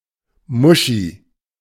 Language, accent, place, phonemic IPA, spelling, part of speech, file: German, Germany, Berlin, /ˈmʊʃi/, Muschi, noun, De-Muschi.ogg
- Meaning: 1. pussy-cat 2. pussy (vulva or vagina)